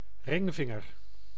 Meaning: the ring finger, between the middle finger and little finger
- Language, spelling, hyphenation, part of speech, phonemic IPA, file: Dutch, ringvinger, ring‧vin‧ger, noun, /ˈrɪŋˌvɪŋ.ər/, Nl-ringvinger.ogg